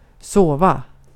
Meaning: to sleep
- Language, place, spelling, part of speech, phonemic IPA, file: Swedish, Gotland, sova, verb, /²soːva/, Sv-sova.ogg